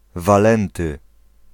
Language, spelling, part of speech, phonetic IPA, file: Polish, Walenty, proper noun, [vaˈlɛ̃ntɨ], Pl-Walenty.ogg